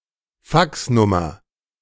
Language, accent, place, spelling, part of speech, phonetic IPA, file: German, Germany, Berlin, Faxnummer, noun, [ˈfaksˌnʊmɐ], De-Faxnummer.ogg
- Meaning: fax number